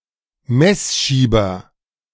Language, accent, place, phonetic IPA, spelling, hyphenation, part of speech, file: German, Germany, Berlin, [ˈmɛsˌʃiːbɐ], Messschieber, Mess‧schie‧ber, noun, De-Messschieber.ogg
- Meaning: vernier caliper